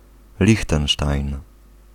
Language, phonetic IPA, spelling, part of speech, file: Polish, [ˈlixtɛnʂtajn], Liechtenstein, proper noun, Pl-Liechtenstein.ogg